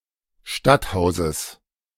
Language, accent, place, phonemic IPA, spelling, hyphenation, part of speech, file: German, Germany, Berlin, /ˈʃtatˌhaʊ̯zəs/, Stadthauses, Stadt‧hau‧ses, noun, De-Stadthauses.ogg
- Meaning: genitive singular of Stadthaus